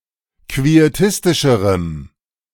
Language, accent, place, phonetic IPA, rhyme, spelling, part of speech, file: German, Germany, Berlin, [kvieˈtɪstɪʃəʁəm], -ɪstɪʃəʁəm, quietistischerem, adjective, De-quietistischerem.ogg
- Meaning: strong dative masculine/neuter singular comparative degree of quietistisch